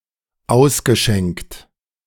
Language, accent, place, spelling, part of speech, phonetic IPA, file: German, Germany, Berlin, ausgeschenkt, verb, [ˈaʊ̯sɡəˌʃɛŋkt], De-ausgeschenkt.ogg
- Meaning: past participle of ausschenken